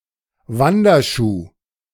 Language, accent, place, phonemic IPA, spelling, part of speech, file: German, Germany, Berlin, /ˈvandɐˌʃuː/, Wanderschuh, noun, De-Wanderschuh.ogg
- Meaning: hiking shoe, backpacking boot, hiking boot